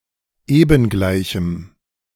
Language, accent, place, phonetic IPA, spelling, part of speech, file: German, Germany, Berlin, [ˈeːbn̩ˌɡlaɪ̯çm̩], ebengleichem, adjective, De-ebengleichem.ogg
- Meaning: strong dative masculine/neuter singular of ebengleich